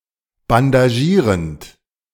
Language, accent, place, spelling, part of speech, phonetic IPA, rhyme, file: German, Germany, Berlin, bandagierend, verb, [bandaˈʒiːʁənt], -iːʁənt, De-bandagierend.ogg
- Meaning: present participle of bandagieren